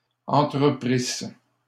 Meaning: third-person plural imperfect subjunctive of entreprendre
- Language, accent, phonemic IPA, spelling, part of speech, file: French, Canada, /ɑ̃.tʁə.pʁis/, entreprissent, verb, LL-Q150 (fra)-entreprissent.wav